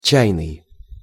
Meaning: 1. tea 2. tea-scented, tea-colored
- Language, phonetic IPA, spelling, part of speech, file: Russian, [ˈt͡ɕæjnɨj], чайный, adjective, Ru-чайный.ogg